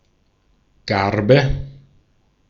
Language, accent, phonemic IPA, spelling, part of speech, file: German, Austria, /ˈɡarbə/, Garbe, noun, De-at-Garbe.ogg
- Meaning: 1. sheaf (quantity of the stalks and ears of wheat, rye, or other grain, bound together) 2. garb 3. yarrow